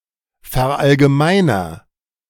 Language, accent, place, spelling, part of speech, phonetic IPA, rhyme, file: German, Germany, Berlin, verallgemeiner, verb, [fɛɐ̯ʔalɡəˈmaɪ̯nɐ], -aɪ̯nɐ, De-verallgemeiner.ogg
- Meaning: inflection of verallgemeinern: 1. first-person singular present 2. singular imperative